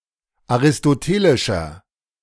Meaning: inflection of aristotelisch: 1. strong/mixed nominative masculine singular 2. strong genitive/dative feminine singular 3. strong genitive plural
- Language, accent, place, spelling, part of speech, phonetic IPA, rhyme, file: German, Germany, Berlin, aristotelischer, adjective, [aʁɪstoˈteːlɪʃɐ], -eːlɪʃɐ, De-aristotelischer.ogg